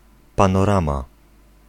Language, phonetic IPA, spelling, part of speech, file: Polish, [ˌpãnɔˈrãma], panorama, noun, Pl-panorama.ogg